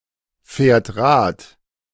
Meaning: third-person singular present of Rad fahren
- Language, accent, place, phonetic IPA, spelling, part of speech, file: German, Germany, Berlin, [ˌfɛːɐ̯t ˈʁaːt], fährt Rad, verb, De-fährt Rad.ogg